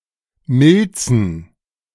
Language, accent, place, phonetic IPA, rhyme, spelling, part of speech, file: German, Germany, Berlin, [ˈmɪlt͡sn̩], -ɪlt͡sn̩, Milzen, noun, De-Milzen.ogg
- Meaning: plural of Milz